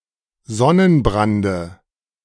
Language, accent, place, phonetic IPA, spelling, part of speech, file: German, Germany, Berlin, [ˈzɔnənˌbʁandə], Sonnenbrande, noun, De-Sonnenbrande.ogg
- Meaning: dative of Sonnenbrand